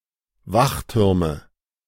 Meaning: nominative/accusative/genitive plural of Wachturm
- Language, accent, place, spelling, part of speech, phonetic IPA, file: German, Germany, Berlin, Wachtürme, noun, [ˈvaxˌtʏʁmə], De-Wachtürme.ogg